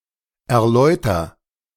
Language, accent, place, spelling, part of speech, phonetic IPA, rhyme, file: German, Germany, Berlin, erläuter, verb, [ɛɐ̯ˈlɔɪ̯tɐ], -ɔɪ̯tɐ, De-erläuter.ogg
- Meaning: inflection of erläutern: 1. first-person singular present 2. singular imperative